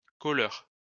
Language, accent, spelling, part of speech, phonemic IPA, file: French, France, colleur, noun, /kɔ.lœʁ/, LL-Q150 (fra)-colleur.wav
- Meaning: sticker, gluer; wallpaper hanger